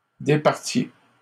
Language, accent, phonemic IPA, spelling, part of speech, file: French, Canada, /de.paʁ.tje/, départiez, verb, LL-Q150 (fra)-départiez.wav
- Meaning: inflection of départir: 1. second-person plural imperfect indicative 2. second-person plural present subjunctive